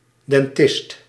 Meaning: dentist
- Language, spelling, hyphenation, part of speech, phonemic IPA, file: Dutch, dentist, den‧tist, noun, /dɛnˈtɪst/, Nl-dentist.ogg